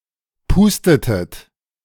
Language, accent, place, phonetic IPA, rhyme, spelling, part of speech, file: German, Germany, Berlin, [ˈpuːstətət], -uːstətət, pustetet, verb, De-pustetet.ogg
- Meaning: inflection of pusten: 1. second-person plural preterite 2. second-person plural subjunctive II